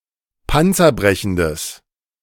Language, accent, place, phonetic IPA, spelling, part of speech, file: German, Germany, Berlin, [ˈpant͡sɐˌbʁɛçn̩dəs], panzerbrechendes, adjective, De-panzerbrechendes.ogg
- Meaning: strong/mixed nominative/accusative neuter singular of panzerbrechend